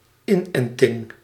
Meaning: vaccination (act of vaccinating)
- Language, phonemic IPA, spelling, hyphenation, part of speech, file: Dutch, /ˈɪnˌɛn.tɪŋ/, inenting, in‧en‧ting, noun, Nl-inenting.ogg